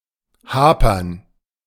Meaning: to be scarce, insufficient, stagnant, problematic
- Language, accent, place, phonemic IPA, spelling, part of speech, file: German, Germany, Berlin, /ˈhaːpɐn/, hapern, verb, De-hapern.ogg